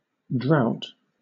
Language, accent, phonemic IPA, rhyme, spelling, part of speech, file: English, Southern England, /dɹaʊt/, -aʊt, drought, noun, LL-Q1860 (eng)-drought.wav
- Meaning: 1. A period of unusually low rainfall, longer and more severe than a dry spell 2. A longer than expected term without success, particularly in sport 3. dryness, aridness, dry heat